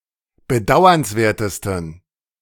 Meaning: 1. superlative degree of bedauernswert 2. inflection of bedauernswert: strong genitive masculine/neuter singular superlative degree
- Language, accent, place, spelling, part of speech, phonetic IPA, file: German, Germany, Berlin, bedauernswertesten, adjective, [bəˈdaʊ̯ɐnsˌveːɐ̯təstn̩], De-bedauernswertesten.ogg